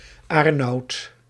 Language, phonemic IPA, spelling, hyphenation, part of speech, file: Dutch, /ˈaːr.nɑu̯t/, Aarnout, Aar‧nout, proper noun, Nl-Aarnout.ogg
- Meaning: a male given name, equivalent to English Arnold